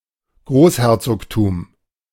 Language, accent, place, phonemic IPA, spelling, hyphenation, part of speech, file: German, Germany, Berlin, /ˈɡʁoːsˌhɛʁt͡soːktuːm/, Großherzogtum, Groß‧her‧zog‧tum, noun, De-Großherzogtum.ogg
- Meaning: A grand duchy, the princely territory of a grand duke